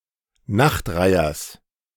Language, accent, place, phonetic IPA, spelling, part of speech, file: German, Germany, Berlin, [ˈnaxtˌʁaɪ̯ɐs], Nachtreihers, noun, De-Nachtreihers.ogg
- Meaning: genitive singular of Nachtreiher